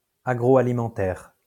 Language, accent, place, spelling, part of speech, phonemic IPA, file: French, France, Lyon, agroalimentaire, adjective, /a.ɡʁo.a.li.mɑ̃.tɛʁ/, LL-Q150 (fra)-agroalimentaire.wav
- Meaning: food and agriculture